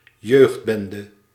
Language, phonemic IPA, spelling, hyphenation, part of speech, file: Dutch, /ˈjøːxtˌbɛn.də/, jeugdbende, jeugd‧ben‧de, noun, Nl-jeugdbende.ogg
- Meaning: youth gang